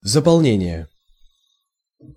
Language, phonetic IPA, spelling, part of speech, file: Russian, [zəpɐɫˈnʲenʲɪje], заполнение, noun, Ru-заполнение.ogg
- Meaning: filling, filling up, filling in (e.g. forms)